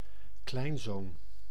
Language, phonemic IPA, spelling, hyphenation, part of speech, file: Dutch, /ˈklɛi̯n.zoːn/, kleinzoon, klein‧zoon, noun, Nl-kleinzoon.ogg
- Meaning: grandson (son of someone's child)